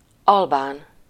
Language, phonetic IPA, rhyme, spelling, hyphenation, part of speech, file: Hungarian, [ˈɒlbaːn], -aːn, albán, al‧bán, adjective / noun, Hu-albán.ogg
- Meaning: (adjective) Albanian (of or relating to Albania, its people or language); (noun) 1. Albanian (person) 2. Albanian (language)